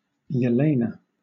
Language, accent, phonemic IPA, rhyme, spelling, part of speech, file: English, Southern England, /jɛˈleɪnə/, -eɪnə, Jelena, proper noun, LL-Q1860 (eng)-Jelena.wav
- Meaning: 1. A transliteration of the Russian female given name Еле́на (Jeléna), equivalent to Helen 2. A transliteration of the Pannonian Rusyn female given name Єлена (Jelena), equivalent to Helen